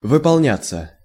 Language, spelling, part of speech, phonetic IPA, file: Russian, выполняться, verb, [vɨpɐɫˈnʲat͡sːə], Ru-выполняться.ogg
- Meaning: passive of выполня́ть (vypolnjátʹ)